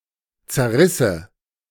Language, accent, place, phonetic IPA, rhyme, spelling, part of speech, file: German, Germany, Berlin, [t͡sɛɐ̯ˈʁɪsə], -ɪsə, zerrisse, verb, De-zerrisse.ogg
- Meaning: first/third-person singular subjunctive II of zerreißen